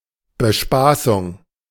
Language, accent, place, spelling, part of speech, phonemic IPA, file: German, Germany, Berlin, Bespaßung, noun, /bəˈʃpaːsʊŋ/, De-Bespaßung.ogg
- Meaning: entertainment